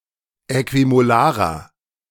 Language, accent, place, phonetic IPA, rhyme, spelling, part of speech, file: German, Germany, Berlin, [ˌɛkvimoˈlaːʁɐ], -aːʁɐ, äquimolarer, adjective, De-äquimolarer.ogg
- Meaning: inflection of äquimolar: 1. strong/mixed nominative masculine singular 2. strong genitive/dative feminine singular 3. strong genitive plural